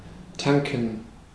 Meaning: 1. to fuel, to refuel (fill a fuel tank of a vehicle) 2. to drink a lot of alcohol 3. to move forcefully against resistance
- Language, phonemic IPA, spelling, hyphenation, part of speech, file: German, /ˈtaŋkən/, tanken, tan‧ken, verb, De-tanken.ogg